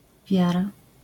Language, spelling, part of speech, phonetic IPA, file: Polish, wiara, noun, [ˈvʲjara], LL-Q809 (pol)-wiara.wav